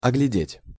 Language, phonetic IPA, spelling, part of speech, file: Russian, [ɐɡlʲɪˈdʲetʲ], оглядеть, verb, Ru-оглядеть.ogg
- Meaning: to examine, to inspect, to look over